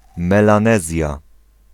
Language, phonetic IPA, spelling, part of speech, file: Polish, [ˌmɛlãˈnɛzʲja], Melanezja, proper noun, Pl-Melanezja.ogg